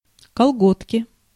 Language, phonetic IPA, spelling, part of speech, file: Russian, [kɐɫˈɡotkʲɪ], колготки, noun, Ru-колготки.ogg
- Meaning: pantyhose, tights